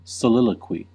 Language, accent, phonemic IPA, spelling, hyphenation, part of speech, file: English, US, /səˈlɪləkwi/, soliloquy, so‧lil‧o‧quy, noun / verb, En-us-soliloquy.ogg
- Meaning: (noun) 1. The act of a character speaking to themselves so as to reveal their thoughts to the audience 2. A speech or written discourse in this form; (verb) To issue a soliloquy